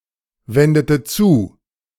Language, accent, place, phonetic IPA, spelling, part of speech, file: German, Germany, Berlin, [ˌvɛndətə ˈt͡suː], wendete zu, verb, De-wendete zu.ogg
- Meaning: inflection of zuwenden: 1. first/third-person singular preterite 2. first/third-person singular subjunctive II